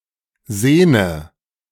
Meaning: inflection of sehnen: 1. first-person singular present 2. first/third-person singular subjunctive I 3. singular imperative
- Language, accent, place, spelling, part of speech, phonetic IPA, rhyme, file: German, Germany, Berlin, sehne, verb, [ˈzeːnə], -eːnə, De-sehne.ogg